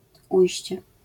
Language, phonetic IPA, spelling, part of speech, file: Polish, [ˈujɕt͡ɕɛ], ujście, noun, LL-Q809 (pol)-ujście.wav